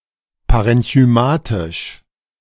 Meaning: parenchymatous, parenchymal
- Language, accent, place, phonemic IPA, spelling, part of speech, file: German, Germany, Berlin, /paʁɛnçyˈmaːtɪʃ/, parenchymatisch, adjective, De-parenchymatisch.ogg